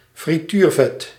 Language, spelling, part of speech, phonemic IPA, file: Dutch, frituurvet, noun, /friˈtyːrvɛt/, Nl-frituurvet.ogg
- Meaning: deep-frying oil